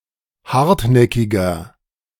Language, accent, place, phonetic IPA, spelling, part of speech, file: German, Germany, Berlin, [ˈhaʁtˌnɛkɪɡɐ], hartnäckiger, adjective, De-hartnäckiger.ogg
- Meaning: 1. comparative degree of hartnäckig 2. inflection of hartnäckig: strong/mixed nominative masculine singular 3. inflection of hartnäckig: strong genitive/dative feminine singular